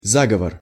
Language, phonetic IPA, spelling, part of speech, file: Russian, [ˈzaɡəvər], заговор, noun, Ru-заговор.ogg
- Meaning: conspiracy (act of working in secret to obtain some goal)